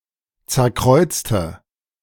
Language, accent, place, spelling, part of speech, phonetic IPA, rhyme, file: German, Germany, Berlin, zerkreuzte, verb, [ˌt͡sɛɐ̯ˈkʁɔɪ̯t͡stə], -ɔɪ̯t͡stə, De-zerkreuzte.ogg
- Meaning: inflection of zerkreuzen: 1. first/third-person singular preterite 2. first/third-person singular subjunctive II